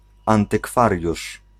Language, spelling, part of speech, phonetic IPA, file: Polish, antykwariusz, noun, [ˌãntɨˈkfarʲjuʃ], Pl-antykwariusz.ogg